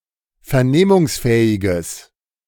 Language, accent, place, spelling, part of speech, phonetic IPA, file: German, Germany, Berlin, vernehmungsfähiges, adjective, [fɛɐ̯ˈneːmʊŋsˌfɛːɪɡəs], De-vernehmungsfähiges.ogg
- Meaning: strong/mixed nominative/accusative neuter singular of vernehmungsfähig